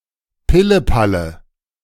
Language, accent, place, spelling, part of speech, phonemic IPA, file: German, Germany, Berlin, Pillepalle, noun, /ˈpɪləˌpalə/, De-Pillepalle.ogg
- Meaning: 1. trifle, bagatelle; an activity or amount that is trivial and of little consequence 2. nonsense; something that is pointless